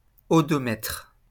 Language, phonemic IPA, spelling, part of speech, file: French, /ɔ.dɔ.mɛtʁ/, odomètre, noun, LL-Q150 (fra)-odomètre.wav
- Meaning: odometer